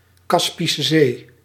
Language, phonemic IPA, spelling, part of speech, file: Dutch, /ˌkɑs.pi.sə ˈzeː/, Kaspische Zee, proper noun, Nl-Kaspische Zee.ogg
- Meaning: the Caspian Sea, a landlocked sea (in fact a giant lake) in Central Asia